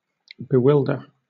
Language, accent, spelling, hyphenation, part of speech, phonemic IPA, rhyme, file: English, Southern England, bewilder, be‧wild‧er, verb, /bɪˈwɪldə(ɹ)/, -ɪldə(ɹ), LL-Q1860 (eng)-bewilder.wav
- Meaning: To confuse, disorientate, or puzzle someone, especially with many different choices